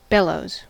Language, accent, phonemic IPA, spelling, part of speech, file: English, US, /ˈbɛl.oʊz/, bellows, noun / verb, En-us-bellows.ogg